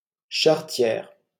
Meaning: feminine singular of charretier
- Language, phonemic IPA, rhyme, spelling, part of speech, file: French, /ʃaʁ.tjɛʁ/, -ɛʁ, charretière, adjective, LL-Q150 (fra)-charretière.wav